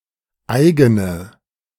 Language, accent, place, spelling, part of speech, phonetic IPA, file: German, Germany, Berlin, eigene, adjective, [ˈʔaɪ̯ɡənə], De-eigene.ogg
- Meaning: inflection of eigen: 1. strong/mixed nominative/accusative feminine singular 2. strong nominative/accusative plural 3. weak nominative all-gender singular 4. weak accusative feminine/neuter singular